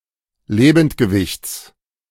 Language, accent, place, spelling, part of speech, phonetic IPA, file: German, Germany, Berlin, Lebendgewichts, noun, [ˈleːbn̩tɡəˌvɪçt͡s], De-Lebendgewichts.ogg
- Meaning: genitive of Lebendgewicht